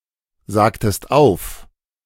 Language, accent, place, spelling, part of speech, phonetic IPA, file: German, Germany, Berlin, sagtest auf, verb, [ˌzaːktəst ˈaʊ̯f], De-sagtest auf.ogg
- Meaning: inflection of aufsagen: 1. second-person singular preterite 2. second-person singular subjunctive II